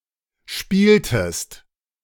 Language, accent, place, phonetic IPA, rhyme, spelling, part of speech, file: German, Germany, Berlin, [ˈʃpiːltəst], -iːltəst, spieltest, verb, De-spieltest.ogg
- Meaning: inflection of spielen: 1. second-person singular preterite 2. second-person singular subjunctive II